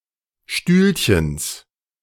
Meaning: genitive singular of Stühlchen
- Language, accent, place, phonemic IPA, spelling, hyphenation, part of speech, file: German, Germany, Berlin, /ˈʃtyːlçəns/, Stühlchens, Stühl‧chens, noun, De-Stühlchens.ogg